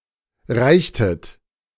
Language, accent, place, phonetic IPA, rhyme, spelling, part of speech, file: German, Germany, Berlin, [ˈʁaɪ̯çtət], -aɪ̯çtət, reichtet, verb, De-reichtet.ogg
- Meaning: inflection of reichen: 1. second-person plural preterite 2. second-person plural subjunctive II